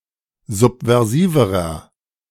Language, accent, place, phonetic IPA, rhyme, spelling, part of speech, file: German, Germany, Berlin, [ˌzupvɛʁˈziːvəʁɐ], -iːvəʁɐ, subversiverer, adjective, De-subversiverer.ogg
- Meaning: inflection of subversiv: 1. strong/mixed nominative masculine singular comparative degree 2. strong genitive/dative feminine singular comparative degree 3. strong genitive plural comparative degree